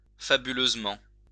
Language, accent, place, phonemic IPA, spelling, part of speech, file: French, France, Lyon, /fa.by.løz.mɑ̃/, fabuleusement, adverb, LL-Q150 (fra)-fabuleusement.wav
- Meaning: fabulously